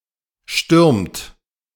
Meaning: inflection of stürmen: 1. second-person plural present 2. third-person singular present 3. plural imperative
- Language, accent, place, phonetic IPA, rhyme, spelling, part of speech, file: German, Germany, Berlin, [ʃtʏʁmt], -ʏʁmt, stürmt, verb, De-stürmt.ogg